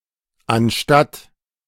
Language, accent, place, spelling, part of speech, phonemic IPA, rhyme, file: German, Germany, Berlin, anstatt, conjunction / preposition, /ʔan.ʼʃtat/, -at, De-anstatt.ogg
- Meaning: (conjunction) instead of